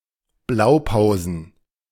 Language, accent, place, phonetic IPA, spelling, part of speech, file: German, Germany, Berlin, [ˈblaʊ̯ˌpaʊ̯zn̩], Blaupausen, noun, De-Blaupausen.ogg
- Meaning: plural of Blaupause